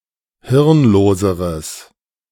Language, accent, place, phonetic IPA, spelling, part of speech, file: German, Germany, Berlin, [ˈhɪʁnˌloːzəʁəs], hirnloseres, adjective, De-hirnloseres.ogg
- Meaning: strong/mixed nominative/accusative neuter singular comparative degree of hirnlos